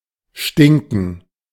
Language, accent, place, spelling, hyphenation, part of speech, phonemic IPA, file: German, Germany, Berlin, stinken, stin‧ken, verb, /ˈʃtɪŋkən/, De-stinken.ogg
- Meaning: to stink